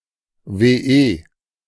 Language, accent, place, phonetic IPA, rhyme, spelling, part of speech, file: German, Germany, Berlin, [veːˈʔeː], -eː, WE, abbreviation, De-WE.ogg
- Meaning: 1. abbreviation of Wohneinheit 2. abbreviation of Wochenende 3. abbreviation of Willenserklärung 4. abbreviation of Wertersatz 5. abbreviation of wesentliches Ermittlungsergebnis